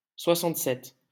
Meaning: sixty-seven
- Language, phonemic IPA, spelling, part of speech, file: French, /swa.sɑ̃t.sɛt/, soixante-sept, numeral, LL-Q150 (fra)-soixante-sept.wav